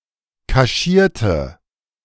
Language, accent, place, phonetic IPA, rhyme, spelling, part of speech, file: German, Germany, Berlin, [kaˈʃiːɐ̯tə], -iːɐ̯tə, kaschierte, adjective / verb, De-kaschierte.ogg
- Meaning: inflection of kaschieren: 1. first/third-person singular preterite 2. first/third-person singular subjunctive II